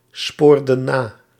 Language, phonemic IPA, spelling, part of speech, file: Dutch, /ˈspordə(n) ˈna/, spoorden na, verb, Nl-spoorden na.ogg
- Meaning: inflection of nasporen: 1. plural past indicative 2. plural past subjunctive